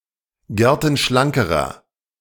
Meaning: inflection of gertenschlank: 1. strong/mixed nominative masculine singular comparative degree 2. strong genitive/dative feminine singular comparative degree
- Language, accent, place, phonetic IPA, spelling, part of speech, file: German, Germany, Berlin, [ˈɡɛʁtn̩ˌʃlaŋkəʁɐ], gertenschlankerer, adjective, De-gertenschlankerer.ogg